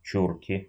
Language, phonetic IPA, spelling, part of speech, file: Russian, [ˈt͡ɕurkʲɪ], чурки, noun, Ru-чу́рки.ogg
- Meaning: inflection of чу́рка (čúrka): 1. genitive singular 2. nominative plural 3. inanimate accusative plural